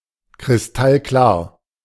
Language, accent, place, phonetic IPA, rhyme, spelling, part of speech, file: German, Germany, Berlin, [kʁɪsˈtalˈklaːɐ̯], -aːɐ̯, kristallklar, adjective, De-kristallklar.ogg
- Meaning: 1. crystal-clear (highly transparent and clean) 2. crystal-clear (very obvious)